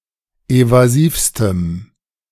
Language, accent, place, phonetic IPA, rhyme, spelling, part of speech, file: German, Germany, Berlin, [ˌevaˈziːfstəm], -iːfstəm, evasivstem, adjective, De-evasivstem.ogg
- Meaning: strong dative masculine/neuter singular superlative degree of evasiv